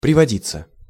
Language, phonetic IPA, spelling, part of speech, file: Russian, [prʲɪvɐˈdʲit͡sːə], приводиться, verb, Ru-приводиться.ogg
- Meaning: to happen